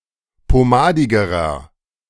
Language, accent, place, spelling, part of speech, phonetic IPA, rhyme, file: German, Germany, Berlin, pomadigerer, adjective, [poˈmaːdɪɡəʁɐ], -aːdɪɡəʁɐ, De-pomadigerer.ogg
- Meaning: inflection of pomadig: 1. strong/mixed nominative masculine singular comparative degree 2. strong genitive/dative feminine singular comparative degree 3. strong genitive plural comparative degree